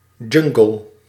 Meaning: jungle, dense tropical rainforest
- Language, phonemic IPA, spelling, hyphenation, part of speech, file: Dutch, /ˈdʒʏŋ.ɡəl/, jungle, jun‧gle, noun, Nl-jungle.ogg